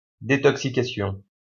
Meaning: detoxication
- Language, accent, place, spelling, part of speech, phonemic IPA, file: French, France, Lyon, détoxication, noun, /de.tɔk.si.ka.sjɔ̃/, LL-Q150 (fra)-détoxication.wav